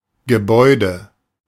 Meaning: building, edifice, structure
- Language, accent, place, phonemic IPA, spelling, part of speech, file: German, Germany, Berlin, /ɡəˈbɔɪ̯də/, Gebäude, noun, De-Gebäude.ogg